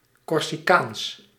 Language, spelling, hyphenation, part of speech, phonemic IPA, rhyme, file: Dutch, Corsicaans, Cor‧si‧caans, adjective / proper noun, /kɔrsiˈkaːns/, -aːns, Nl-Corsicaans.ogg
- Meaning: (adjective) 1. Corsican, of or relating to the island, people and/or culture of Corsica 2. in or otherwise relating to the Corsican language; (proper noun) the Corsican language